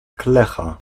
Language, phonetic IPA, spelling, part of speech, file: Polish, [ˈklɛxa], klecha, noun, Pl-klecha.ogg